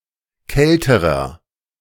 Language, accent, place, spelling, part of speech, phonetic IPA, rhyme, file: German, Germany, Berlin, kälterer, adjective, [ˈkɛltəʁɐ], -ɛltəʁɐ, De-kälterer.ogg
- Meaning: inflection of kalt: 1. strong/mixed nominative masculine singular comparative degree 2. strong genitive/dative feminine singular comparative degree 3. strong genitive plural comparative degree